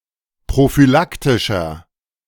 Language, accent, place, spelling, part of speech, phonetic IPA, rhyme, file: German, Germany, Berlin, prophylaktischer, adjective, [pʁofyˈlaktɪʃɐ], -aktɪʃɐ, De-prophylaktischer.ogg
- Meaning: inflection of prophylaktisch: 1. strong/mixed nominative masculine singular 2. strong genitive/dative feminine singular 3. strong genitive plural